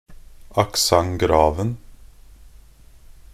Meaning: definite singular of accent grave
- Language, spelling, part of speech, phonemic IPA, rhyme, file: Norwegian Bokmål, accent graven, noun, /akˈsaŋ.ɡrɑːʋn̩/, -ɑːʋn̩, Nb-accent graven.ogg